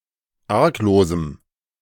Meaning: strong dative masculine/neuter singular of arglos
- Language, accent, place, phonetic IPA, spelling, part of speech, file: German, Germany, Berlin, [ˈaʁkˌloːzm̩], arglosem, adjective, De-arglosem.ogg